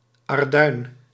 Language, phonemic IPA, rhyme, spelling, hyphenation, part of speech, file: Dutch, /ɑrˈdœy̯n/, -œy̯n, arduin, ar‧duin, noun, Nl-arduin.ogg
- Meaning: a bluish grey limestone; bluestone